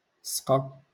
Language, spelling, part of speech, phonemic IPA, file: Moroccan Arabic, سقى, verb, /sqa/, LL-Q56426 (ary)-سقى.wav
- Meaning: to water